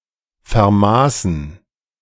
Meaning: 1. first/third-person plural preterite of vermessen 2. to fill a document with measures (e.g. as a result of a survey)
- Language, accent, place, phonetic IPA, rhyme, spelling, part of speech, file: German, Germany, Berlin, [fɛɐ̯ˈmaːsn̩], -aːsn̩, vermaßen, verb, De-vermaßen.ogg